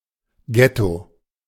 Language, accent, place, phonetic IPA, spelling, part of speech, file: German, Germany, Berlin, [ˈɡɛto], Getto, noun, De-Getto.ogg
- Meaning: ghetto